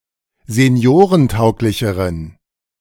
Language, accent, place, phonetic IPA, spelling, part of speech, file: German, Germany, Berlin, [zeˈni̯oːʁənˌtaʊ̯klɪçəʁən], seniorentauglicheren, adjective, De-seniorentauglicheren.ogg
- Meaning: inflection of seniorentauglich: 1. strong genitive masculine/neuter singular comparative degree 2. weak/mixed genitive/dative all-gender singular comparative degree